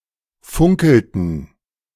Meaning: inflection of funkeln: 1. first/third-person plural preterite 2. first/third-person plural subjunctive II
- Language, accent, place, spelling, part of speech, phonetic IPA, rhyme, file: German, Germany, Berlin, funkelten, verb, [ˈfʊŋkl̩tn̩], -ʊŋkl̩tn̩, De-funkelten.ogg